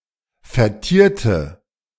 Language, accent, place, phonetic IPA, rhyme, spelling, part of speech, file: German, Germany, Berlin, [fɛɐ̯ˈtiːɐ̯tə], -iːɐ̯tə, vertierte, adjective / verb, De-vertierte.ogg
- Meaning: inflection of vertiert: 1. strong/mixed nominative/accusative feminine singular 2. strong nominative/accusative plural 3. weak nominative all-gender singular